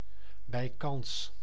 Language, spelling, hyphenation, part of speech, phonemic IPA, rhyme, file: Dutch, bijkans, bij‧kans, adverb, /bɛi̯ˈkɑns/, -ɑns, Nl-bijkans.ogg
- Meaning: almost, nearly